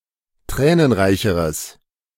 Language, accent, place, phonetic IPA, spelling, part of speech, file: German, Germany, Berlin, [ˈtʁɛːnənˌʁaɪ̯çəʁəs], tränenreicheres, adjective, De-tränenreicheres.ogg
- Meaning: strong/mixed nominative/accusative neuter singular comparative degree of tränenreich